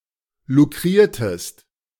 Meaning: inflection of lukrieren: 1. second-person singular preterite 2. second-person singular subjunctive II
- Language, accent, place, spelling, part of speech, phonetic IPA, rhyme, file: German, Germany, Berlin, lukriertest, verb, [luˈkʁiːɐ̯təst], -iːɐ̯təst, De-lukriertest.ogg